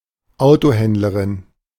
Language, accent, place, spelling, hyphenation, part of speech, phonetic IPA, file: German, Germany, Berlin, Autohändlerin, Auto‧händ‧le‧rin, noun, [ˈaʊ̯toˌhɛndləʁɪn], De-Autohändlerin.ogg
- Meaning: female equivalent of Autohändler (“car dealer”)